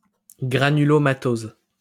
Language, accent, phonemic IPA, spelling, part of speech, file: French, France, /ɡʁa.ny.lɔ.ma.toz/, granulomatose, noun, LL-Q150 (fra)-granulomatose.wav
- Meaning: granulomatosis